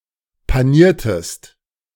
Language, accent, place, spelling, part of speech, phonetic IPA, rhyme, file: German, Germany, Berlin, paniertest, verb, [paˈniːɐ̯təst], -iːɐ̯təst, De-paniertest.ogg
- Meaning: inflection of panieren: 1. second-person singular preterite 2. second-person singular subjunctive II